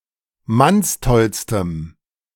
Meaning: strong dative masculine/neuter singular superlative degree of mannstoll
- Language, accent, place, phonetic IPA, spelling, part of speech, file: German, Germany, Berlin, [ˈmansˌtɔlstəm], mannstollstem, adjective, De-mannstollstem.ogg